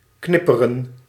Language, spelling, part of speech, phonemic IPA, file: Dutch, knipperen, verb, /ˈknɪpərə(n)/, Nl-knipperen.ogg
- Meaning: to blink